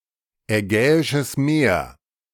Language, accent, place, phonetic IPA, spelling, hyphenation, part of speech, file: German, Germany, Berlin, [ɛˈɡɛːɪʃəs meːɐ̯], Ägäisches Meer, Ägä‧i‧sches Meer, proper noun, De-Ägäisches Meer.ogg
- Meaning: Aegean Sea (sea of the northeastern part of the Mediterranean Sea)